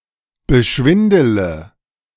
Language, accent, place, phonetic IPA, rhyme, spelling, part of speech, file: German, Germany, Berlin, [bəˈʃvɪndələ], -ɪndələ, beschwindele, verb, De-beschwindele.ogg
- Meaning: inflection of beschwindeln: 1. first-person singular present 2. first/third-person singular subjunctive I 3. singular imperative